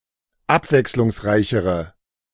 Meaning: inflection of abwechslungsreich: 1. strong/mixed nominative/accusative feminine singular comparative degree 2. strong nominative/accusative plural comparative degree
- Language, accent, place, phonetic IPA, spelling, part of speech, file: German, Germany, Berlin, [ˈapvɛkslʊŋsˌʁaɪ̯çəʁə], abwechslungsreichere, adjective, De-abwechslungsreichere.ogg